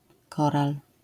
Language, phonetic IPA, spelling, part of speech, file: Polish, [ˈkɔral], koral, noun, LL-Q809 (pol)-koral.wav